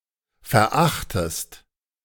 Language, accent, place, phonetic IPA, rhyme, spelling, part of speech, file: German, Germany, Berlin, [fɛɐ̯ˈʔaxtəst], -axtəst, verachtest, verb, De-verachtest.ogg
- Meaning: inflection of verachten: 1. second-person singular present 2. second-person singular subjunctive I